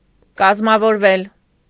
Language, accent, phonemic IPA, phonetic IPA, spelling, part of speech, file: Armenian, Eastern Armenian, /kɑzmɑvoɾˈvel/, [kɑzmɑvoɾvél], կազմավորվել, verb, Hy-կազմավորվել.ogg
- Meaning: mediopassive of կազմավորել (kazmavorel)